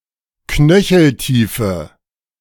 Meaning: inflection of knöcheltief: 1. strong/mixed nominative/accusative feminine singular 2. strong nominative/accusative plural 3. weak nominative all-gender singular
- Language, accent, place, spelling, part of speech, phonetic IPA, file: German, Germany, Berlin, knöcheltiefe, adjective, [ˈknœçl̩ˌtiːfə], De-knöcheltiefe.ogg